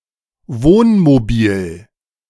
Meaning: a camper (camper van), motor home, motor caravan, recreational vehicle
- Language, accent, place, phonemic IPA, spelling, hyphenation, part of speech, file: German, Germany, Berlin, /ˈvoː(n).mo.ˌbiːl/, Wohnmobil, Wohn‧mo‧bil, noun, De-Wohnmobil.ogg